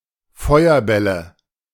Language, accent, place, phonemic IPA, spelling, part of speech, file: German, Germany, Berlin, /ˈfɔɪ̯ɐˌbɛlə/, Feuerbälle, noun, De-Feuerbälle.ogg
- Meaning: nominative/accusative/genitive plural of Feuerball